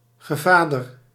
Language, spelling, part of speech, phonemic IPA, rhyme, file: Dutch, gevader, noun, /ɣə.vaː.dər/, -aːdər, Nl-gevader.ogg
- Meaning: godfather